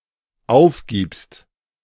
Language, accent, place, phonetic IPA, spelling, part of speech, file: German, Germany, Berlin, [ˈaʊ̯fˌɡiːpst], aufgibst, verb, De-aufgibst.ogg
- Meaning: second-person singular dependent present of aufgeben